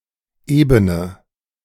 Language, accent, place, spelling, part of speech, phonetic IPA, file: German, Germany, Berlin, ebene, adjective, [ˈʔeːbənə], De-ebene.ogg
- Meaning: inflection of eben: 1. strong/mixed nominative/accusative feminine singular 2. strong nominative/accusative plural 3. weak nominative all-gender singular 4. weak accusative feminine/neuter singular